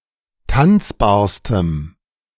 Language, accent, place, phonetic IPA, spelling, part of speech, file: German, Germany, Berlin, [ˈtant͡sbaːɐ̯stəm], tanzbarstem, adjective, De-tanzbarstem.ogg
- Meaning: strong dative masculine/neuter singular superlative degree of tanzbar